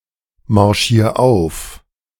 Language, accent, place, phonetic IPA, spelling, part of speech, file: German, Germany, Berlin, [maʁˌʃiːɐ̯ ˈaʊ̯f], marschier auf, verb, De-marschier auf.ogg
- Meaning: 1. singular imperative of aufmarschieren 2. first-person singular present of aufmarschieren